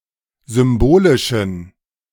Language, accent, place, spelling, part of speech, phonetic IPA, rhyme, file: German, Germany, Berlin, symbolischen, adjective, [ˌzʏmˈboːlɪʃn̩], -oːlɪʃn̩, De-symbolischen.ogg
- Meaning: inflection of symbolisch: 1. strong genitive masculine/neuter singular 2. weak/mixed genitive/dative all-gender singular 3. strong/weak/mixed accusative masculine singular 4. strong dative plural